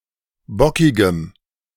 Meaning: strong dative masculine/neuter singular of bockig
- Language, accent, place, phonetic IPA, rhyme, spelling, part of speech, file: German, Germany, Berlin, [ˈbɔkɪɡəm], -ɔkɪɡəm, bockigem, adjective, De-bockigem.ogg